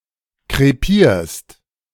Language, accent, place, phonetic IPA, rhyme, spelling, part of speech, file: German, Germany, Berlin, [kʁeˈpiːɐ̯st], -iːɐ̯st, krepierst, verb, De-krepierst.ogg
- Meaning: second-person singular present of krepieren